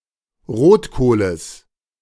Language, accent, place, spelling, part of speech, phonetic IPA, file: German, Germany, Berlin, Rotkohles, noun, [ˈʁoːtˌkoːləs], De-Rotkohles.ogg
- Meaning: genitive of Rotkohl